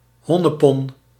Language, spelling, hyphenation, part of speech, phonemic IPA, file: Dutch, honnepon, hon‧ne‧pon, noun, /ˈɦɔ.nəˌpɔn/, Nl-honnepon.ogg
- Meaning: sweetheart, honeybun, darling (term of endearment for a girl or woman)